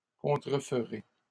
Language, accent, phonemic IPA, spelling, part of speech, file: French, Canada, /kɔ̃.tʁə.f(ə).ʁe/, contreferai, verb, LL-Q150 (fra)-contreferai.wav
- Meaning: first-person singular future of contrefaire